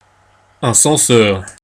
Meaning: 1. censor 2. headmaster (or deputy head)
- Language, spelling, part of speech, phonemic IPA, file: French, censeur, noun, /sɑ̃.sœʁ/, Fr-censeur.ogg